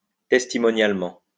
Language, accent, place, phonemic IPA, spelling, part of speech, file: French, France, Lyon, /tɛs.ti.mɔ.njal.mɑ̃/, testimonialement, adverb, LL-Q150 (fra)-testimonialement.wav
- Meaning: testimonially